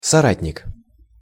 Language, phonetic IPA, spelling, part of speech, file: Russian, [sɐˈratʲnʲɪk], соратник, noun, Ru-соратник.ogg
- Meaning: comrade in arms